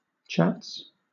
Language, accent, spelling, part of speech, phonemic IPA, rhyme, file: English, Southern England, chats, noun / verb, /t͡ʃæts/, -æts, LL-Q1860 (eng)-chats.wav
- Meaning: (noun) plural of chat; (verb) third-person singular simple present indicative of chat